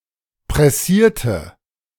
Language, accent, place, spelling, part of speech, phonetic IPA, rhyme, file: German, Germany, Berlin, pressierte, verb, [pʁɛˈsiːɐ̯tə], -iːɐ̯tə, De-pressierte.ogg
- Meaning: inflection of pressieren: 1. first/third-person singular preterite 2. first/third-person singular subjunctive II